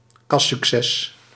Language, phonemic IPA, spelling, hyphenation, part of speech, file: Dutch, /ˈkɑs.sykˌsɛs/, kassucces, kas‧suc‧ces, noun, Nl-kassucces.ogg
- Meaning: blockbuster, sales hit